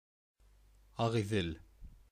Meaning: the Belaya river, the largest river in Bashkortostan
- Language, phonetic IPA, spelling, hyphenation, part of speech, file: Bashkir, [ä.ʁɪ̈͜iˈðɪ̞l], Ағиҙел, А‧ғи‧ҙел, proper noun, Ba-Ағиҙел.ogg